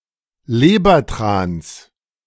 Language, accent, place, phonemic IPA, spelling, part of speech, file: German, Germany, Berlin, /ˈleːbɐˌtʁaːns/, Lebertrans, noun, De-Lebertrans.ogg
- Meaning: genitive singular of Lebertran